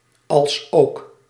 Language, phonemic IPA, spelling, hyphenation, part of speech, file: Dutch, /ɑlsˈoːk/, alsook, als‧ook, conjunction, Nl-alsook.ogg
- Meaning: as well as